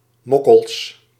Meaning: plural of mokkel
- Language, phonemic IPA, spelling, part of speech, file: Dutch, /ˈmɔkəls/, mokkels, noun, Nl-mokkels.ogg